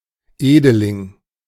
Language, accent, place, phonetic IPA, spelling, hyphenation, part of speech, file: German, Germany, Berlin, [ˈeːdəlɪŋ], Edeling, Ede‧ling, noun, De-Edeling.ogg
- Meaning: nobleman